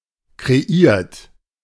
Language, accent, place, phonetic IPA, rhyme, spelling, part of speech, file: German, Germany, Berlin, [kʁeˈiːɐ̯t], -iːɐ̯t, kreiert, verb, De-kreiert.ogg
- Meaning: 1. past participle of kreieren 2. inflection of kreieren: third-person singular present 3. inflection of kreieren: second-person plural present 4. inflection of kreieren: plural imperative